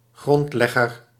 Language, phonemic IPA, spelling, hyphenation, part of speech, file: Dutch, /ˈɣrɔntlɛɣər/, grondlegger, grond‧leg‧ger, noun, Nl-grondlegger.ogg
- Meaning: founder, progenitor